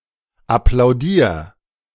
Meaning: 1. singular imperative of applaudieren 2. first-person singular present of applaudieren
- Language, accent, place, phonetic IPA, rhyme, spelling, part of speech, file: German, Germany, Berlin, [aplaʊ̯ˈdiːɐ̯], -iːɐ̯, applaudier, verb, De-applaudier.ogg